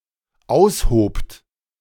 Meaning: second-person plural dependent preterite of ausheben
- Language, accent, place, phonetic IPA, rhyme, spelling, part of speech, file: German, Germany, Berlin, [ˈaʊ̯sˌhoːpt], -aʊ̯shoːpt, aushobt, verb, De-aushobt.ogg